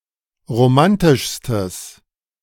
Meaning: strong/mixed nominative/accusative neuter singular superlative degree of romantisch
- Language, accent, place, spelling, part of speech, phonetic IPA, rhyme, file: German, Germany, Berlin, romantischstes, adjective, [ʁoˈmantɪʃstəs], -antɪʃstəs, De-romantischstes.ogg